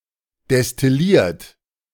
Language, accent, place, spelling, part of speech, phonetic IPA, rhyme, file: German, Germany, Berlin, destilliert, verb, [dɛstɪˈliːɐ̯t], -iːɐ̯t, De-destilliert.ogg
- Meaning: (verb) past participle of destillieren; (adjective) distilled; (verb) inflection of destillieren: 1. third-person singular present 2. second-person plural present 3. plural imperative